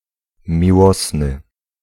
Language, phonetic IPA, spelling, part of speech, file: Polish, [mʲiˈwɔsnɨ], miłosny, adjective, Pl-miłosny.ogg